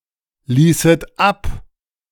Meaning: second-person plural subjunctive II of ablassen
- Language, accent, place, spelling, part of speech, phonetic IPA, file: German, Germany, Berlin, ließet ab, verb, [ˌliːsət ˈap], De-ließet ab.ogg